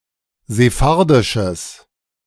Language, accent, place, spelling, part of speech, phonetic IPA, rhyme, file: German, Germany, Berlin, sephardisches, adjective, [zeˈfaʁdɪʃəs], -aʁdɪʃəs, De-sephardisches.ogg
- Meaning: strong/mixed nominative/accusative neuter singular of sephardisch